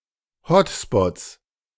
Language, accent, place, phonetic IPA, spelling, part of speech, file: German, Germany, Berlin, [ˈhɔtspɔt͡s], Hotspots, noun, De-Hotspots.ogg
- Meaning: 1. genitive singular of Hotspot 2. plural of Hotspot